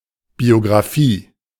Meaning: alternative spelling of Biografie
- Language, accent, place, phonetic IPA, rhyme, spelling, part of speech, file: German, Germany, Berlin, [bioɡʁaˈfiː], -iː, Biographie, noun, De-Biographie.ogg